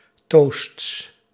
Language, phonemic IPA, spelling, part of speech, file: Dutch, /tosts/, toasts, noun, Nl-toasts.ogg
- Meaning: plural of toast